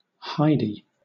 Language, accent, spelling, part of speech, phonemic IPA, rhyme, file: English, Southern England, Heidi, proper noun, /ˈhaɪdi/, -aɪdi, LL-Q1860 (eng)-Heidi.wav
- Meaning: A female given name from the Germanic languages